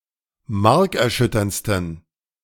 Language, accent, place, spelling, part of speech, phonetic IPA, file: German, Germany, Berlin, markerschütterndsten, adjective, [ˈmaʁkɛɐ̯ˌʃʏtɐnt͡stn̩], De-markerschütterndsten.ogg
- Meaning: 1. superlative degree of markerschütternd 2. inflection of markerschütternd: strong genitive masculine/neuter singular superlative degree